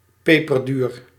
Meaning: costly, extremely expensive, luxurious
- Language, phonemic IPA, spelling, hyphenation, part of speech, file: Dutch, /ˌpeː.pərˈdyːr/, peperduur, pe‧per‧duur, adjective, Nl-peperduur.ogg